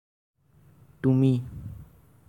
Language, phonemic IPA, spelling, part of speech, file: Assamese, /tu.mi/, তুমি, pronoun, As-তুমি.ogg
- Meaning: 1. you (singular) 2. you (plural)